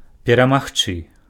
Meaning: to win
- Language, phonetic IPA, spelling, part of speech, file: Belarusian, [pʲeramaxˈt͡ʂɨ], перамагчы, verb, Be-перамагчы.ogg